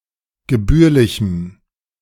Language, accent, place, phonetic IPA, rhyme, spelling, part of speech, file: German, Germany, Berlin, [ɡəˈbyːɐ̯lɪçm̩], -yːɐ̯lɪçm̩, gebührlichem, adjective, De-gebührlichem.ogg
- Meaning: strong dative masculine/neuter singular of gebührlich